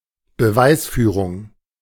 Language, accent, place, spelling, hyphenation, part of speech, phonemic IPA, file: German, Germany, Berlin, Beweisführung, Be‧weis‧füh‧rung, noun, /bəˈvaɪ̯sˌfyːʁʊŋ/, De-Beweisführung.ogg
- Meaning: 1. argumentation 2. evidence